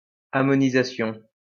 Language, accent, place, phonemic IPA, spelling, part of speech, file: French, France, Lyon, /a.mɔ.ni.za.sjɔ̃/, ammonisation, noun, LL-Q150 (fra)-ammonisation.wav
- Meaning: ammoniation